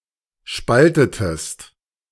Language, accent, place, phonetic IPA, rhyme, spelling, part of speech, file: German, Germany, Berlin, [ˈʃpaltətəst], -altətəst, spaltetest, verb, De-spaltetest.ogg
- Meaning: inflection of spalten: 1. second-person singular preterite 2. second-person singular subjunctive II